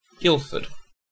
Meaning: 1. A large town, the county town of Surrey, England 2. A local government district with borough status in Surrey, England, formed in 1974, with its headquarters in the county town
- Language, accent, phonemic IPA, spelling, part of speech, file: English, UK, /ˈɡɪlfəd/, Guildford, proper noun, En-uk-Guildford.ogg